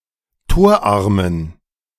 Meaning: inflection of torarm: 1. strong genitive masculine/neuter singular 2. weak/mixed genitive/dative all-gender singular 3. strong/weak/mixed accusative masculine singular 4. strong dative plural
- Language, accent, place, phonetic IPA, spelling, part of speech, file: German, Germany, Berlin, [ˈtoːɐ̯ˌʔaʁmən], torarmen, adjective, De-torarmen.ogg